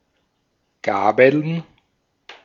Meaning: plural of Gabel (“forks”)
- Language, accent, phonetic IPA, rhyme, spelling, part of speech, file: German, Austria, [ˈɡaːbl̩n], -aːbl̩n, Gabeln, noun, De-at-Gabeln.ogg